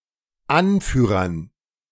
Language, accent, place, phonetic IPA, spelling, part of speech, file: German, Germany, Berlin, [ˈanˌfyːʁɐn], Anführern, noun, De-Anführern.ogg
- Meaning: dative plural of Anführer